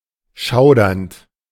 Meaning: present participle of schaudern
- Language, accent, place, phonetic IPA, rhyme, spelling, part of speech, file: German, Germany, Berlin, [ˈʃaʊ̯dɐnt], -aʊ̯dɐnt, schaudernd, verb, De-schaudernd.ogg